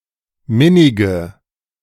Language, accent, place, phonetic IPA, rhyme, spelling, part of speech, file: German, Germany, Berlin, [ˈmɪnɪɡə], -ɪnɪɡə, minnige, adjective, De-minnige.ogg
- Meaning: inflection of minnig: 1. strong/mixed nominative/accusative feminine singular 2. strong nominative/accusative plural 3. weak nominative all-gender singular 4. weak accusative feminine/neuter singular